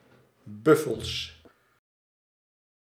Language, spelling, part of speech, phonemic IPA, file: Dutch, buffels, noun, /ˈbʏfəls/, Nl-buffels.ogg
- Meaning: plural of buffel